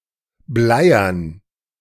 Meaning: 1. lead (metal) 2. heavy 3. depressing
- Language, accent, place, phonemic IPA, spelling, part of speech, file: German, Germany, Berlin, /ˈblaɪ̯ɐn/, bleiern, adjective, De-bleiern.ogg